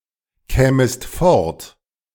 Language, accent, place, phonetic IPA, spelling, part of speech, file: German, Germany, Berlin, [ˌkɛːməst ˈfɔʁt], kämest fort, verb, De-kämest fort.ogg
- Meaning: second-person singular subjunctive I of fortkommen